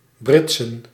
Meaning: plural of brits
- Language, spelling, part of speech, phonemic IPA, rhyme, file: Dutch, britsen, noun, /ˈbrɪt.sən/, -ɪtsən, Nl-britsen.ogg